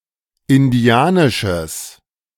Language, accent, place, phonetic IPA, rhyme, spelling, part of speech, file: German, Germany, Berlin, [ɪnˈdi̯aːnɪʃəs], -aːnɪʃəs, indianisches, adjective, De-indianisches.ogg
- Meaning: strong/mixed nominative/accusative neuter singular of indianisch